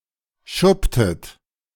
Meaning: inflection of schuppen: 1. second-person plural preterite 2. second-person plural subjunctive II
- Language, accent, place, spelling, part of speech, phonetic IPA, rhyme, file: German, Germany, Berlin, schupptet, verb, [ˈʃʊptət], -ʊptət, De-schupptet.ogg